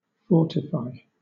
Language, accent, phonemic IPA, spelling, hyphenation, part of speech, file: English, Southern England, /ˈfɔːtɪfaɪ/, fortify, for‧ti‧fy, verb, LL-Q1860 (eng)-fortify.wav
- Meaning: To give power, strength, or vigour to (oneself or someone, or to something); to strengthen